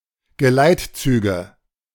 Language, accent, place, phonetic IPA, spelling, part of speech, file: German, Germany, Berlin, [ɡəˈlaɪ̯tˌt͡syːɡə], Geleitzüge, noun, De-Geleitzüge.ogg
- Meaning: nominative/accusative/genitive plural of Geleitzug